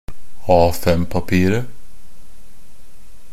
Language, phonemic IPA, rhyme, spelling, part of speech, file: Norwegian Bokmål, /ˈɑːfɛmpapiːrə/, -iːrə, A5-papiret, noun, NB - Pronunciation of Norwegian Bokmål «A5-papiret».ogg
- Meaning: definite singular of A5-papir